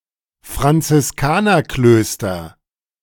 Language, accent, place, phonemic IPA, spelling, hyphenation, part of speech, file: German, Germany, Berlin, /fʁant͡sɪsˈkaːnɐˌkløːstɐ/, Franziskanerklöster, Fran‧zis‧ka‧ner‧klös‧ter, noun, De-Franziskanerklöster.ogg
- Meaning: nominative/accusative/genitive plural of Franziskanerkloster